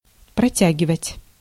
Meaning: 1. to stretch, to extend 2. to hold / stretch / reach out; to extend 3. to delay, to drag out 4. to drawl, to prolong, to sustain 5. to hold out, to live a while longer, to last (survive)
- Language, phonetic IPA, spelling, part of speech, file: Russian, [prɐˈtʲæɡʲɪvətʲ], протягивать, verb, Ru-протягивать.ogg